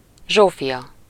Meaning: a female given name, equivalent to English Sophia
- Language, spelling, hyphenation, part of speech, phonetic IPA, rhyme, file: Hungarian, Zsófia, Zsó‧fia, proper noun, [ˈʒoːfijɒ], -jɒ, Hu-Zsófia.ogg